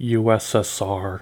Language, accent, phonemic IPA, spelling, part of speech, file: English, US, /ˌju.ɛs.ɛsˈɑɹ/, USSR, proper noun, En-us-USSR.ogg
- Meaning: Initialism of Union of Soviet Socialist Republics, official name of Soviet Union: a former transcontinental country in Europe and Asia (1922–1991), now split into Russia and 14 other countries